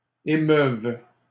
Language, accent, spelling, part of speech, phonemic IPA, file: French, Canada, émeuves, verb, /e.mœv/, LL-Q150 (fra)-émeuves.wav
- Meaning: second-person singular imperfect subjunctive of émouvoir